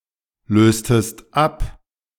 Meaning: inflection of ablösen: 1. second-person singular preterite 2. second-person singular subjunctive II
- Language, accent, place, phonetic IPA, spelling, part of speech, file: German, Germany, Berlin, [ˌløːstəst ˈap], löstest ab, verb, De-löstest ab.ogg